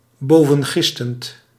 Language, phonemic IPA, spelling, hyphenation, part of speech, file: Dutch, /ˈboː.və(n)ˌɣɪs.tənt/, bovengistend, bo‧ven‧gis‧tend, adjective, Nl-bovengistend.ogg
- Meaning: overfermented